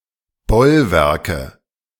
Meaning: nominative/accusative/genitive plural of Bollwerk
- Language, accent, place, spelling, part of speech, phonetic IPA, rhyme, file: German, Germany, Berlin, Bollwerke, noun, [ˈbɔlˌvɛʁkə], -ɔlvɛʁkə, De-Bollwerke.ogg